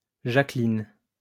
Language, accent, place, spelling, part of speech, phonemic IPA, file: French, France, Lyon, Jacqueline, proper noun, /ʒa.klin/, LL-Q150 (fra)-Jacqueline.wav
- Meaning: a female given name, masculine equivalent Jacques